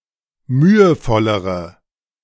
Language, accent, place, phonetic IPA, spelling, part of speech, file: German, Germany, Berlin, [ˈmyːəˌfɔləʁə], mühevollere, adjective, De-mühevollere.ogg
- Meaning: inflection of mühevoll: 1. strong/mixed nominative/accusative feminine singular comparative degree 2. strong nominative/accusative plural comparative degree